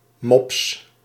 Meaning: pug, small dog with a snub snout
- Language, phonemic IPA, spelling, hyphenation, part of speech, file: Dutch, /mɔps/, mops, mops, noun, Nl-mops.ogg